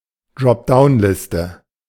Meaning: dropdown list
- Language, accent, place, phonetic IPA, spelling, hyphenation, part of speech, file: German, Germany, Berlin, [dʁɔpˈdaʊ̯nˌlɪstə], Dropdown-Liste, Drop‧down-‧Lis‧te, noun, De-Dropdown-Liste.ogg